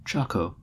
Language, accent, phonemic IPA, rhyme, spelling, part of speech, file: English, US, /ˈt͡ʃɒkəʊ/, -ɒkəʊ, choco, noun, En-us-choco.ogg
- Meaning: 1. Clipping of chocolate 2. A militiaman or conscript; chocolate soldier 3. An army reservist 4. A person with dark skin tone